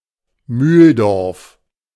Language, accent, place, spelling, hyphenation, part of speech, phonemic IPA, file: German, Germany, Berlin, Mühldorf, Mühl‧dorf, proper noun, /ˈmyːldɔʁf/, De-Mühldorf.ogg
- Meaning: 1. a town and rural district of the Upper Bavaria region, Bavaria; official name: Mühldorf am Inn 2. a municipality of Spittal an der Drau district, Carinthia, Austria